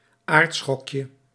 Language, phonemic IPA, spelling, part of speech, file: Dutch, /ˈartsxɔkjə/, aardschokje, noun, Nl-aardschokje.ogg
- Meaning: diminutive of aardschok